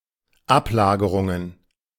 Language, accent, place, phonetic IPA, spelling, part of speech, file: German, Germany, Berlin, [ˈapˌlaːɡəʁʊŋən], Ablagerungen, noun, De-Ablagerungen.ogg
- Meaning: plural of Ablagerung